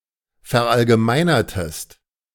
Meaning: inflection of verallgemeinern: 1. second-person singular preterite 2. second-person singular subjunctive II
- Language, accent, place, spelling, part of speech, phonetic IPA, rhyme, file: German, Germany, Berlin, verallgemeinertest, verb, [fɛɐ̯ʔalɡəˈmaɪ̯nɐtəst], -aɪ̯nɐtəst, De-verallgemeinertest.ogg